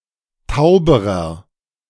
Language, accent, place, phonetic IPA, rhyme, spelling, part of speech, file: German, Germany, Berlin, [ˈtaʊ̯bəʁɐ], -aʊ̯bəʁɐ, tauberer, adjective, De-tauberer.ogg
- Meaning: inflection of taub: 1. strong/mixed nominative masculine singular comparative degree 2. strong genitive/dative feminine singular comparative degree 3. strong genitive plural comparative degree